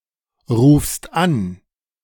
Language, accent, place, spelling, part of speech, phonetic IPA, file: German, Germany, Berlin, rufst an, verb, [ˌʁuːfst ˈan], De-rufst an.ogg
- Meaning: second-person singular present of anrufen